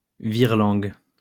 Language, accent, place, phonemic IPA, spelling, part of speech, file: French, France, Lyon, /viʁ.lɑ̃ɡ/, virelangue, noun, LL-Q150 (fra)-virelangue.wav
- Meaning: tongue-twister